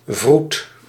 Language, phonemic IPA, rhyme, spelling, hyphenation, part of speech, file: Dutch, /vrut/, -ut, vroed, vroed, adjective, Nl-vroed.ogg
- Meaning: wise, knowing